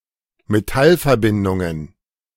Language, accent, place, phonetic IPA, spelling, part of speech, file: German, Germany, Berlin, [meˈtalfɛɐ̯ˌbɪndʊŋən], Metallverbindungen, noun, De-Metallverbindungen.ogg
- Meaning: plural of Metallverbindung